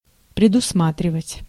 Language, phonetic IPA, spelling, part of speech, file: Russian, [prʲɪdʊsˈmatrʲɪvətʲ], предусматривать, verb, Ru-предусматривать.ogg
- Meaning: 1. to foresee, to envisage, to anticipate 2. to provide (for), to stipulate (for)